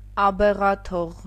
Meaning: 1. a temporary relief from monastic rules granted to abeghas 2. Abeghatogh, an Armenian religious festival for abeghas at the beginning of spring, allowing them to participate in the joys of society
- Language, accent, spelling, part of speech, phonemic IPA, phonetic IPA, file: Armenian, Eastern Armenian, աբեղաթող, noun, /ɑbeʁɑˈtʰoʁ/, [ɑbeʁɑtʰóʁ], Hy-աբեղաթող.ogg